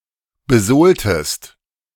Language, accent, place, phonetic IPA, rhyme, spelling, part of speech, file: German, Germany, Berlin, [bəˈzoːltəst], -oːltəst, besohltest, verb, De-besohltest.ogg
- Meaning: inflection of besohlen: 1. second-person singular preterite 2. second-person singular subjunctive II